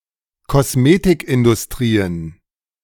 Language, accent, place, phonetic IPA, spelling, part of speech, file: German, Germany, Berlin, [ˈkɔsˈmeːtɪkʔɪndʊsˌtʁiːən], Kosmetikindustrien, noun, De-Kosmetikindustrien.ogg
- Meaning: plural of Kosmetikindustrie